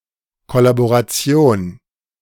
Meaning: 1. collaboration; collaborationism (in Vichy France) 2. collaboration, working together
- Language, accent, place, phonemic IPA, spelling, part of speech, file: German, Germany, Berlin, /ˌkɔlaboʁaˈtsjoːn/, Kollaboration, noun, De-Kollaboration.ogg